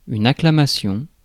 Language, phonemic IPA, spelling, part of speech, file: French, /a.kla.ma.sjɔ̃/, acclamation, noun, Fr-acclamation.ogg
- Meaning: acclamation